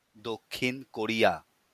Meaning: South Korea (a country in East Asia)
- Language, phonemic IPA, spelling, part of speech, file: Bengali, /d̪ok.kʰin ko.ɹi̯a/, দক্ষিণ কোরিয়া, proper noun, LL-Q9610 (ben)-দক্ষিণ কোরিয়া.wav